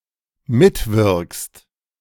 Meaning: second-person singular dependent present of mitwirken
- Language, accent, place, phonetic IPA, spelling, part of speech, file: German, Germany, Berlin, [ˈmɪtˌvɪʁkst], mitwirkst, verb, De-mitwirkst.ogg